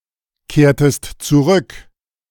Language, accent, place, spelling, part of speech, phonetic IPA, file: German, Germany, Berlin, kehrtest zurück, verb, [ˌkeːɐ̯təst t͡suˈʁʏk], De-kehrtest zurück.ogg
- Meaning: inflection of zurückkehren: 1. second-person singular preterite 2. second-person singular subjunctive II